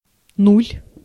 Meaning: zero (0)
- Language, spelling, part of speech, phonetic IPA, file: Russian, нуль, noun, [nulʲ], Ru-нуль.ogg